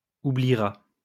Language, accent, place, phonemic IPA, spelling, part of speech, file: French, France, Lyon, /u.bli.ʁa/, oubliera, verb, LL-Q150 (fra)-oubliera.wav
- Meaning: third-person singular future of oublier